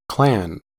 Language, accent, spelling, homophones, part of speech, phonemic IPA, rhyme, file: English, US, clan, Klan, noun, /klæn/, -æn, En-us-clan.ogg
- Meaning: A group of people all descended from a common ancestor, in fact or belief, especially when the exact genealogies are not known